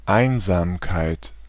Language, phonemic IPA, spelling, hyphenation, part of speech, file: German, /ˈaɪ̯n.za(ː)mˌkaɪ̯t/, Einsamkeit, Ein‧sam‧keit, noun, De-Einsamkeit.ogg
- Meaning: 1. loneliness 2. solitude, lonesomeness, solitariness